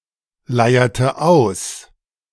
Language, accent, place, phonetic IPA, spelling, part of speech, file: German, Germany, Berlin, [ˌlaɪ̯ɐtə ˈaʊ̯s], leierte aus, verb, De-leierte aus.ogg
- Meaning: inflection of ausleiern: 1. first/third-person singular preterite 2. first/third-person singular subjunctive II